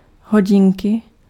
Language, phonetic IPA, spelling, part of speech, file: Czech, [ˈɦoɟɪŋkɪ], hodinky, noun, Cs-hodinky.ogg
- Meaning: watch (wearable timepiece)